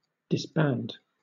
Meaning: 1. To break up or (cause to) cease to exist; to disperse 2. To loose the bands of; to set free 3. To divorce
- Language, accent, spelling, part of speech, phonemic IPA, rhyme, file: English, Southern England, disband, verb, /dɪsˈbænd/, -ænd, LL-Q1860 (eng)-disband.wav